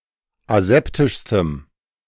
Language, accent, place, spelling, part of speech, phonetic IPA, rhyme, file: German, Germany, Berlin, aseptischstem, adjective, [aˈzɛptɪʃstəm], -ɛptɪʃstəm, De-aseptischstem.ogg
- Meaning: strong dative masculine/neuter singular superlative degree of aseptisch